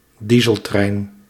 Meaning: diesel train
- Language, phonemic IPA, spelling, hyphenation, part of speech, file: Dutch, /ˈdi.zəlˌtrɛi̯n/, dieseltrein, die‧sel‧trein, noun, Nl-dieseltrein.ogg